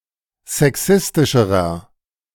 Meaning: inflection of sexistisch: 1. strong/mixed nominative masculine singular comparative degree 2. strong genitive/dative feminine singular comparative degree 3. strong genitive plural comparative degree
- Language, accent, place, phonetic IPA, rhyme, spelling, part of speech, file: German, Germany, Berlin, [zɛˈksɪstɪʃəʁɐ], -ɪstɪʃəʁɐ, sexistischerer, adjective, De-sexistischerer.ogg